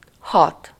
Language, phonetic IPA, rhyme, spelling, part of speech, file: Hungarian, [ˈhɒt], -ɒt, hat, numeral / verb, Hu-hat.ogg
- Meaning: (numeral) six; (verb) 1. to get, arrive at, pass, progress towards (a certain location) 2. to enter, penetrate 3. to take effect, to be effective, to work